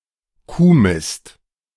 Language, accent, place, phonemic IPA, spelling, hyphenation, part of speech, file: German, Germany, Berlin, /ˈkuːˌmɪst/, Kuhmist, Kuh‧mist, noun, De-Kuhmist.ogg
- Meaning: cowdung, cowshit